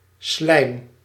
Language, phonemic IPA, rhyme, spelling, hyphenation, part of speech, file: Dutch, /slɛi̯m/, -ɛi̯m, slijm, slijm, noun, Nl-slijm.ogg
- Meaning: 1. slime 2. mucus (particularly phlegm)